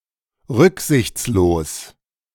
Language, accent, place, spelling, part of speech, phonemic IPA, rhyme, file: German, Germany, Berlin, rücksichtslos, adjective, /ˈʁʏkzɪçt͡sloːs/, -oːs, De-rücksichtslos.ogg
- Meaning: 1. inconsiderate (reckless) 2. inconsiderate (ruthless)